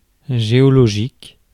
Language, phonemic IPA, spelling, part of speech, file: French, /ʒe.ɔ.lɔ.ʒik/, géologique, adjective, Fr-géologique.ogg
- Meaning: geological